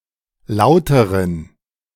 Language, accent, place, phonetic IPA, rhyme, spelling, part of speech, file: German, Germany, Berlin, [ˈlaʊ̯təʁən], -aʊ̯təʁən, lauteren, adjective, De-lauteren.ogg
- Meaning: inflection of laut: 1. strong genitive masculine/neuter singular comparative degree 2. weak/mixed genitive/dative all-gender singular comparative degree